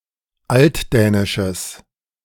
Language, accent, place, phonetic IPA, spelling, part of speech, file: German, Germany, Berlin, [ˈaltˌdɛːnɪʃəs], altdänisches, adjective, De-altdänisches.ogg
- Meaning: strong/mixed nominative/accusative neuter singular of altdänisch